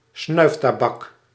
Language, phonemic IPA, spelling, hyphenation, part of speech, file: Dutch, /ˈsnœy̯f.taːˌbɑk/, snuiftabak, snuif‧ta‧bak, noun, Nl-snuiftabak.ogg
- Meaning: snuff (tobacco)